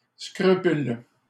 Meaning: scruple, compunction, qualm
- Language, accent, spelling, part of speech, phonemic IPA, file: French, Canada, scrupule, noun, /skʁy.pyl/, LL-Q150 (fra)-scrupule.wav